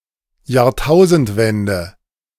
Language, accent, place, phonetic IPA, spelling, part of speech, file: German, Germany, Berlin, [jaːɐ̯ˈtaʊ̯zn̩tˌvɛndə], Jahrtausendwende, noun, De-Jahrtausendwende.ogg
- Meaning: turn (end) of the millennium